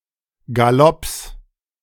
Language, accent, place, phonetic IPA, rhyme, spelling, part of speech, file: German, Germany, Berlin, [ɡaˈlɔps], -ɔps, Galopps, noun, De-Galopps.ogg
- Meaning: 1. plural of Galopp 2. genitive singular of Galopp